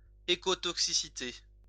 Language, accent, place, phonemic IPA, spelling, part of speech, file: French, France, Lyon, /e.ko.tɔk.si.si.te/, écotoxicité, noun, LL-Q150 (fra)-écotoxicité.wav
- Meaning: ecotoxicity